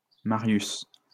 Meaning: a male given name of Latin origin
- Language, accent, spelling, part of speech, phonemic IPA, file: French, France, Marius, proper noun, /ma.ʁjys/, LL-Q150 (fra)-Marius.wav